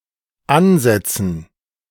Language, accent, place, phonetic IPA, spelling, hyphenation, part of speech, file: German, Germany, Berlin, [ˈʔanˌzɛtsn̩], ansetzen, an‧set‧zen, verb, De-ansetzen.ogg
- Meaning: to set, to place, ready (an implement or tool in the required position for its usage, implying an intent to start using it, e.g. a chisel on stone, a pen on paper, a bottle on the lips)